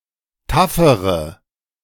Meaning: inflection of taff: 1. strong/mixed nominative/accusative feminine singular comparative degree 2. strong nominative/accusative plural comparative degree
- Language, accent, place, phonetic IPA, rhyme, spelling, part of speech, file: German, Germany, Berlin, [ˈtafəʁə], -afəʁə, taffere, adjective, De-taffere.ogg